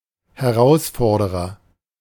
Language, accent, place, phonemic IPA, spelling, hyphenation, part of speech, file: German, Germany, Berlin, /hɛˈʁaʊ̯sˌfɔʁdəʁɐ/, Herausforderer, Her‧aus‧for‧der‧er, noun, De-Herausforderer.ogg
- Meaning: 1. challenger, contender 2. opponent